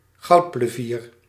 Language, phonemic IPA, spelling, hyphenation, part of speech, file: Dutch, /ˈɣɑu̯t.pləˌviːr/, goudplevier, goud‧ple‧vier, noun, Nl-goudplevier.ogg
- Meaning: golden plover, European golden plover (Pluvialis apricaria)